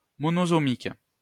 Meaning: monosomic
- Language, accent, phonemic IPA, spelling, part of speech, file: French, France, /mɔ.nɔ.sɔ.mik/, monosomique, adjective, LL-Q150 (fra)-monosomique.wav